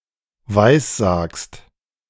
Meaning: second-person singular present of weissagen
- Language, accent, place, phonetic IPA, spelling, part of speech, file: German, Germany, Berlin, [ˈvaɪ̯sˌzaːkst], weissagst, verb, De-weissagst.ogg